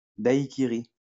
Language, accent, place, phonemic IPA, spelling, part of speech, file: French, France, Lyon, /daj.ki.ʁi/, daiquiri, noun, LL-Q150 (fra)-daiquiri.wav
- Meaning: daiquiri